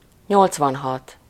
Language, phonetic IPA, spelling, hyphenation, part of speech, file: Hungarian, [ˈɲolt͡svɒnɦɒt], nyolcvanhat, nyolc‧van‧hat, numeral, Hu-nyolcvanhat.ogg
- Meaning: eighty-six